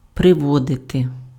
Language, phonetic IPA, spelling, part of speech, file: Ukrainian, [preˈwɔdete], приводити, verb, Uk-приводити.ogg
- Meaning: 1. to bring, to lead, to take (a person, on foot) 2. to lead (conduct or induce someone to a state or course of action) 3. to lead (to influence towards a belief, a conclusion, etc.)